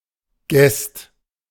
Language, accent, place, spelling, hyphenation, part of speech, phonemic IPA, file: German, Germany, Berlin, Gest, Gest, noun, /ɡɛst/, De-Gest.ogg
- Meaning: yeast